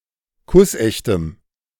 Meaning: strong dative masculine/neuter singular of kussecht
- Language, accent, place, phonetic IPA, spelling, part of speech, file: German, Germany, Berlin, [ˈkʊsˌʔɛçtəm], kussechtem, adjective, De-kussechtem.ogg